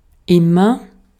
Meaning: 1. always: at all times without exception 2. always: very often; all the time; constantly 3. always: every time; whenever some precondition is given 4. to a greater degree over time, more and more
- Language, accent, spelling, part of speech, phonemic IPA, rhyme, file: German, Austria, immer, adverb, /ˈɪmɐ/, -ɪmɐ, De-at-immer.ogg